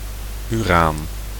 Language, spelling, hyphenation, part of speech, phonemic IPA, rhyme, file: Dutch, uraan, uraan, noun, /yˈraːn/, -aːn, Nl-uraan.ogg
- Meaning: uranium (radioactive element)